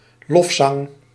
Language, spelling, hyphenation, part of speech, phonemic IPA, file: Dutch, lofzang, lof‧zang, noun, /ˈlɔf.sɑŋ/, Nl-lofzang.ogg
- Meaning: song of praise